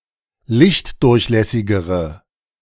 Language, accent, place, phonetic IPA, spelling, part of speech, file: German, Germany, Berlin, [ˈlɪçtˌdʊʁçlɛsɪɡəʁə], lichtdurchlässigere, adjective, De-lichtdurchlässigere.ogg
- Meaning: inflection of lichtdurchlässig: 1. strong/mixed nominative/accusative feminine singular comparative degree 2. strong nominative/accusative plural comparative degree